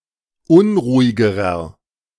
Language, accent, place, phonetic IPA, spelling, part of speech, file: German, Germany, Berlin, [ˈʊnʁuːɪɡəʁɐ], unruhigerer, adjective, De-unruhigerer.ogg
- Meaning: inflection of unruhig: 1. strong/mixed nominative masculine singular comparative degree 2. strong genitive/dative feminine singular comparative degree 3. strong genitive plural comparative degree